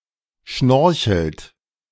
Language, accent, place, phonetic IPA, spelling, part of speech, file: German, Germany, Berlin, [ˈʃnɔʁçl̩t], schnorchelt, verb, De-schnorchelt.ogg
- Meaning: inflection of schnorcheln: 1. third-person singular present 2. second-person plural present 3. plural imperative